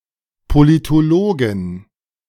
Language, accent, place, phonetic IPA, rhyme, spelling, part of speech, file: German, Germany, Berlin, [politoˈloːɡn̩], -oːɡn̩, Politologen, noun, De-Politologen.ogg
- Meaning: 1. genitive singular of Politologe 2. plural of Politologe